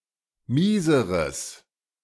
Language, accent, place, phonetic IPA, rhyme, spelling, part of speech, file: German, Germany, Berlin, [ˈmiːzəʁəs], -iːzəʁəs, mieseres, adjective, De-mieseres.ogg
- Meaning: strong/mixed nominative/accusative neuter singular comparative degree of mies